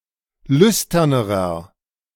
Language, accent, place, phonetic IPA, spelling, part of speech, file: German, Germany, Berlin, [ˈlʏstɐnəʁɐ], lüsternerer, adjective, De-lüsternerer.ogg
- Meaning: inflection of lüstern: 1. strong/mixed nominative masculine singular comparative degree 2. strong genitive/dative feminine singular comparative degree 3. strong genitive plural comparative degree